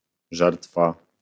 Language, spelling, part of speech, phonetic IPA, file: Polish, żertwa, noun, [ˈʒɛrtfa], LL-Q809 (pol)-żertwa.wav